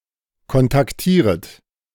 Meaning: second-person plural subjunctive I of kontaktieren
- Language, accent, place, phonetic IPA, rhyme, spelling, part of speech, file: German, Germany, Berlin, [kɔntakˈtiːʁət], -iːʁət, kontaktieret, verb, De-kontaktieret.ogg